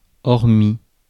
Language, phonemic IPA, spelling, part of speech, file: French, /ɔʁ.mi/, hormis, preposition, Fr-hormis.ogg
- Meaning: save, except (for), but